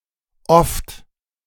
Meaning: often
- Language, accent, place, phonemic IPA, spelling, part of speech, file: German, Germany, Berlin, /ɔft/, oft, adverb, De-oft.ogg